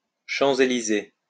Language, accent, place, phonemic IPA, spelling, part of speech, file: French, France, Lyon, /ʃɑ̃.z‿e.li.ze/, Champs-Élysées, proper noun, LL-Q150 (fra)-Champs-Élysées.wav
- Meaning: 1. ellipsis of Avenue des Champs-Élysées, a major boulevard in Paris, running between the Place de la Concorde and the Arc de Triomphe 2. alternative spelling of champs Élysées